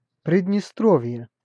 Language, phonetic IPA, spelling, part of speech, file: Russian, [prʲɪdʲnʲɪˈstrov⁽ʲ⁾je], Приднестровье, proper noun, Ru-Приднестровье.ogg